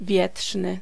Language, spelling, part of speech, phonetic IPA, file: Polish, wietrzny, adjective, [ˈvʲjɛṭʃnɨ], Pl-wietrzny.ogg